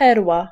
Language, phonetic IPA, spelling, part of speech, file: Polish, [ˈpɛrwa], perła, noun, Pl-perła.ogg